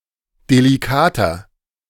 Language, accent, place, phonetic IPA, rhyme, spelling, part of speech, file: German, Germany, Berlin, [deliˈkaːtɐ], -aːtɐ, delikater, adjective, De-delikater.ogg
- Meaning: 1. comparative degree of delikat 2. inflection of delikat: strong/mixed nominative masculine singular 3. inflection of delikat: strong genitive/dative feminine singular